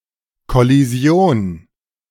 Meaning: collision
- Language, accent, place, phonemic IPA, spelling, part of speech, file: German, Germany, Berlin, /kɔliˈzi̯oːn/, Kollision, noun, De-Kollision.ogg